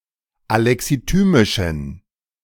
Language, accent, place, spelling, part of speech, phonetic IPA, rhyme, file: German, Germany, Berlin, alexithymischen, adjective, [alɛksiˈtyːmɪʃn̩], -yːmɪʃn̩, De-alexithymischen.ogg
- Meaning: inflection of alexithymisch: 1. strong genitive masculine/neuter singular 2. weak/mixed genitive/dative all-gender singular 3. strong/weak/mixed accusative masculine singular 4. strong dative plural